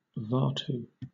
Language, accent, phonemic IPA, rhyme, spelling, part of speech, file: English, Southern England, /ˈvɑːtuː/, -ɑːtu, vatu, noun, LL-Q1860 (eng)-vatu.wav
- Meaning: The national currency of Vanuatu